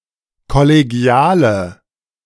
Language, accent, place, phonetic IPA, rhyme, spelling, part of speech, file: German, Germany, Berlin, [kɔleˈɡi̯aːlə], -aːlə, kollegiale, adjective, De-kollegiale.ogg
- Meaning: inflection of kollegial: 1. strong/mixed nominative/accusative feminine singular 2. strong nominative/accusative plural 3. weak nominative all-gender singular